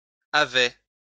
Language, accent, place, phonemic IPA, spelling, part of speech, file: French, France, Lyon, /a.vɛ/, avaient, verb, LL-Q150 (fra)-avaient.wav
- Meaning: third-person plural imperfect indicative of avoir